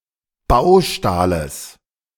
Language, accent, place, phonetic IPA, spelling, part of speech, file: German, Germany, Berlin, [ˈbaʊ̯ˌʃtaːləs], Baustahles, noun, De-Baustahles.ogg
- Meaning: genitive singular of Baustahl